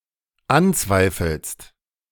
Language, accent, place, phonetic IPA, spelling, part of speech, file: German, Germany, Berlin, [ˈanˌt͡svaɪ̯fl̩st], anzweifelst, verb, De-anzweifelst.ogg
- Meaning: second-person singular dependent present of anzweifeln